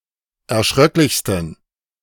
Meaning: 1. superlative degree of erschröcklich 2. inflection of erschröcklich: strong genitive masculine/neuter singular superlative degree
- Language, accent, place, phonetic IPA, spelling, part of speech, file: German, Germany, Berlin, [ɛɐ̯ˈʃʁœklɪçstn̩], erschröcklichsten, adjective, De-erschröcklichsten.ogg